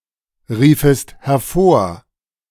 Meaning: second-person singular subjunctive I of hervorrufen
- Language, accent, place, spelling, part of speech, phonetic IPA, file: German, Germany, Berlin, riefest hervor, verb, [ˌʁiːfəst hɛɐ̯ˈfoːɐ̯], De-riefest hervor.ogg